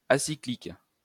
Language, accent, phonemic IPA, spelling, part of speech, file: French, France, /a.si.klik/, acyclique, adjective, LL-Q150 (fra)-acyclique.wav
- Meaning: acyclic (not cyclic)